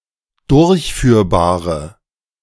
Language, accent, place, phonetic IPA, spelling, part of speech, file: German, Germany, Berlin, [ˈdʊʁçˌfyːɐ̯baːʁə], durchführbare, adjective, De-durchführbare.ogg
- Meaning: inflection of durchführbar: 1. strong/mixed nominative/accusative feminine singular 2. strong nominative/accusative plural 3. weak nominative all-gender singular